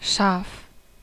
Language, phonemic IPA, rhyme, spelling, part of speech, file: German, /ʃaːf/, -aːf, Schaf, noun, De-Schaf.ogg
- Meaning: sheep